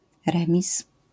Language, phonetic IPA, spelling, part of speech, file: Polish, [ˈrɛ̃mʲis], remis, noun, LL-Q809 (pol)-remis.wav